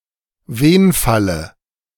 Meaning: dative of Wenfall
- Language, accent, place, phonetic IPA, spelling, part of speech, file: German, Germany, Berlin, [ˈveːnfalə], Wenfalle, noun, De-Wenfalle.ogg